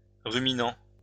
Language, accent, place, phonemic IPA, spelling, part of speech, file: French, France, Lyon, /ʁy.mi.nɑ̃/, ruminant, adjective / noun / verb, LL-Q150 (fra)-ruminant.wav
- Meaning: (adjective) ruminant; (verb) present participle of ruminer